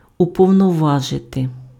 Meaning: to authorize, to empower, to depute (invest with power to act)
- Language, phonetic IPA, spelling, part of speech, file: Ukrainian, [ʊpɔu̯nɔˈʋaʒete], уповноважити, verb, Uk-уповноважити.ogg